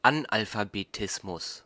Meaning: illiteracy
- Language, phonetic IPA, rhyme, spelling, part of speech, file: German, [anʔalfabeˈtɪsmʊs], -ɪsmʊs, Analphabetismus, noun, De-Analphabetismus.ogg